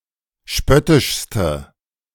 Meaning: inflection of spöttisch: 1. strong/mixed nominative/accusative feminine singular superlative degree 2. strong nominative/accusative plural superlative degree
- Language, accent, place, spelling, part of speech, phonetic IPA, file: German, Germany, Berlin, spöttischste, adjective, [ˈʃpœtɪʃstə], De-spöttischste.ogg